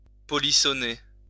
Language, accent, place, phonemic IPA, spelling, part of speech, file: French, France, Lyon, /pɔ.li.sɔ.ne/, polissonner, verb, LL-Q150 (fra)-polissonner.wav
- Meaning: to be naughty